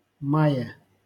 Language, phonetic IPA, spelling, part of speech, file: Russian, [ˈmaje], мае, noun, LL-Q7737 (rus)-мае.wav
- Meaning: prepositional singular of май (maj)